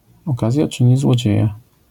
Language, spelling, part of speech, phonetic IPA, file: Polish, okazja czyni złodzieja, proverb, [ɔˈkazʲja ˈt͡ʃɨ̃ɲi zwɔˈd͡ʑɛ̇ja], LL-Q809 (pol)-okazja czyni złodzieja.wav